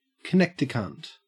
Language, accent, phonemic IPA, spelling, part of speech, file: English, Australia, /kɪˈneːk.tɪ.kɐnt/, Connecticunt, proper noun / noun, En-au-Connecticunt.ogg
- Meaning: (proper noun) Connecticut; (noun) A Connecticuter